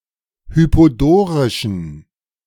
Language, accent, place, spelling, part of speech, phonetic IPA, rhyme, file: German, Germany, Berlin, hypodorischen, adjective, [ˌhypoˈdoːʁɪʃn̩], -oːʁɪʃn̩, De-hypodorischen.ogg
- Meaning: inflection of hypodorisch: 1. strong genitive masculine/neuter singular 2. weak/mixed genitive/dative all-gender singular 3. strong/weak/mixed accusative masculine singular 4. strong dative plural